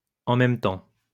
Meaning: 1. at the same time, at once, simultaneously 2. on the other hand, at the same time, then again
- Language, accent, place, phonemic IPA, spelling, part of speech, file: French, France, Lyon, /ɑ̃ mɛm tɑ̃/, en même temps, adverb, LL-Q150 (fra)-en même temps.wav